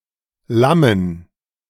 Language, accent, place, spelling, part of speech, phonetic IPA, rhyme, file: German, Germany, Berlin, lammen, verb, [ˈlamən], -amən, De-lammen.ogg
- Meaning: to lamb